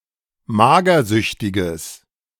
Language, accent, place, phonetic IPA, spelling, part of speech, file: German, Germany, Berlin, [ˈmaːɡɐˌzʏçtɪɡəs], magersüchtiges, adjective, De-magersüchtiges.ogg
- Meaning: strong/mixed nominative/accusative neuter singular of magersüchtig